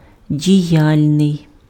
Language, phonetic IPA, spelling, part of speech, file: Ukrainian, [dʲiˈjalʲnei̯], діяльний, adjective, Uk-діяльний.ogg
- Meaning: active (given to action)